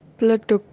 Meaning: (noun) mud; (verb) to explode; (noun) misspelling of bledug
- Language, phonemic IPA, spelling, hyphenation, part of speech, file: Javanese, /bləɖoɡ/, bledhug, ble‧dhug, noun / verb, Jv-bledhug.ogg